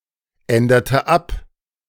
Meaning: inflection of abändern: 1. first/third-person singular preterite 2. first/third-person singular subjunctive II
- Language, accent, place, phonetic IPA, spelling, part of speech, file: German, Germany, Berlin, [ˌɛndɐtə ˈap], änderte ab, verb, De-änderte ab.ogg